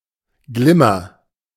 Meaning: mica
- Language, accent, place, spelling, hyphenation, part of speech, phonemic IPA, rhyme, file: German, Germany, Berlin, Glimmer, Glim‧mer, noun, /ˈɡlɪmɐ/, -ɪmɐ, De-Glimmer.ogg